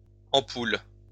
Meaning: plural of ampoule
- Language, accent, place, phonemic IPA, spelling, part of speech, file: French, France, Lyon, /ɑ̃.pul/, ampoules, noun, LL-Q150 (fra)-ampoules.wav